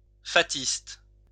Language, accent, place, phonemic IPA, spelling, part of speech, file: French, France, Lyon, /fa.tist/, fatiste, noun, LL-Q150 (fra)-fatiste.wav
- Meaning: actor in a medieval mystery play